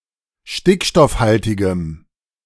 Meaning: strong dative masculine/neuter singular of stickstoffhaltig
- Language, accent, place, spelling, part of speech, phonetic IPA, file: German, Germany, Berlin, stickstoffhaltigem, adjective, [ˈʃtɪkʃtɔfˌhaltɪɡəm], De-stickstoffhaltigem.ogg